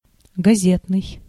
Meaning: newspaper
- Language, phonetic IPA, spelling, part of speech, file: Russian, [ɡɐˈzʲetnɨj], газетный, adjective, Ru-газетный.ogg